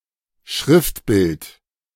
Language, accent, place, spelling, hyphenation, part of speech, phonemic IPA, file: German, Germany, Berlin, Schriftbild, Schrift‧bild, noun, /ˈʃʁɪftˌbɪlt/, De-Schriftbild.ogg
- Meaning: typeface